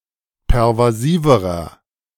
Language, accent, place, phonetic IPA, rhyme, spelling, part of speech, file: German, Germany, Berlin, [pɛʁvaˈziːvəʁɐ], -iːvəʁɐ, pervasiverer, adjective, De-pervasiverer.ogg
- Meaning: inflection of pervasiv: 1. strong/mixed nominative masculine singular comparative degree 2. strong genitive/dative feminine singular comparative degree 3. strong genitive plural comparative degree